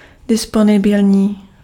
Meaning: available (of balance in an account, actually able to be withdrawn)
- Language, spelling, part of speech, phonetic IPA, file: Czech, disponibilní, adjective, [ˈdɪsponɪbɪlɲiː], Cs-disponibilní.ogg